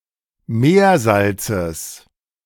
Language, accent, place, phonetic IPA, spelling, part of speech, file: German, Germany, Berlin, [ˈmeːɐ̯ˌzalt͡səs], Meersalzes, noun, De-Meersalzes.ogg
- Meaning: genitive singular of Meersalz